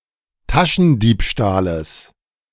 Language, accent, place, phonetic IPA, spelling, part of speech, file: German, Germany, Berlin, [ˈtaʃn̩ˌdiːpʃtaːləs], Taschendiebstahles, noun, De-Taschendiebstahles.ogg
- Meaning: genitive singular of Taschendiebstahl